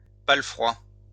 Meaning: palfrey
- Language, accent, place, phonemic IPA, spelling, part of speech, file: French, France, Lyon, /pa.lə.fʁwa/, palefroi, noun, LL-Q150 (fra)-palefroi.wav